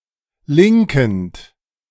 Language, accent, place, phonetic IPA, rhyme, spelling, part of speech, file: German, Germany, Berlin, [ˈlɪŋkn̩t], -ɪŋkn̩t, linkend, verb, De-linkend.ogg
- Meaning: present participle of linken